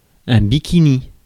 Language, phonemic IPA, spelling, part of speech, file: French, /bi.ki.ni/, bikini, noun, Fr-bikini.ogg
- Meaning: bikini